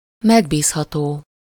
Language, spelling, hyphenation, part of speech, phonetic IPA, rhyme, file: Hungarian, megbízható, meg‧bíz‧ha‧tó, adjective, [ˈmɛɡbiːshɒtoː], -toː, Hu-megbízható.ogg
- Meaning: reliable (to be relied on)